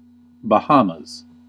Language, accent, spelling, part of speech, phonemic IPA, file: English, US, Bahamas, proper noun, /bəˈhɑː.məz/, En-us-Bahamas.ogg
- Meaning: An archipelago and country in the Caribbean. Official name: Commonwealth of The Bahamas